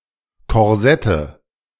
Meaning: nominative/accusative/genitive plural of Korsett
- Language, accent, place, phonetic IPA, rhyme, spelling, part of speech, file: German, Germany, Berlin, [kɔʁˈzɛtə], -ɛtə, Korsette, noun, De-Korsette.ogg